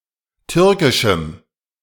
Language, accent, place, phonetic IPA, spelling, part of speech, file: German, Germany, Berlin, [ˈtʏʁkɪʃm̩], türkischem, adjective, De-türkischem.ogg
- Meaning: strong dative masculine/neuter singular of türkisch